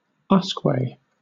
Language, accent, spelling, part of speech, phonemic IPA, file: English, Southern England, usque, noun, /ˈʌskweɪ/, LL-Q1860 (eng)-usque.wav
- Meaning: whisky